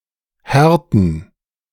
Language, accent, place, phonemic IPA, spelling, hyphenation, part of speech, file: German, Germany, Berlin, /ˈhɛrtən/, härten, här‧ten, verb, De-härten.ogg
- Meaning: 1. to harden, make hard 2. to solidify, harden, become hard